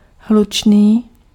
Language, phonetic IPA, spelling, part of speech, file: Czech, [ˈɦlut͡ʃniː], hlučný, adjective, Cs-hlučný.ogg
- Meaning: noisy